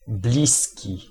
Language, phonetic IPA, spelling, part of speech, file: Polish, [ˈblʲisʲci], bliski, adjective / noun, Pl-bliski.ogg